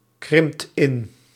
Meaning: inflection of inkrimpen: 1. second/third-person singular present indicative 2. plural imperative
- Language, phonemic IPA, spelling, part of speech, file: Dutch, /ˈkrɪmpt ˈɪn/, krimpt in, verb, Nl-krimpt in.ogg